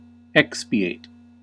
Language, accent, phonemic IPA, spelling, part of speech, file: English, US, /ˈɛk.spi.eɪt/, expiate, verb, En-us-expiate.ogg
- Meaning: 1. To atone or make reparation for 2. To make amends or pay the penalty for 3. To relieve or cleanse of guilt 4. To purify with sacred rites 5. To wind up, bring to an end